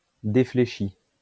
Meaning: past participle of défléchir
- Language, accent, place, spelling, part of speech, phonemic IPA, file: French, France, Lyon, défléchi, verb, /de.fle.ʃi/, LL-Q150 (fra)-défléchi.wav